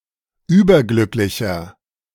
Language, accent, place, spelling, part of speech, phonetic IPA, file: German, Germany, Berlin, überglücklicher, adjective, [ˈyːbɐˌɡlʏklɪçɐ], De-überglücklicher.ogg
- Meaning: inflection of überglücklich: 1. strong/mixed nominative masculine singular 2. strong genitive/dative feminine singular 3. strong genitive plural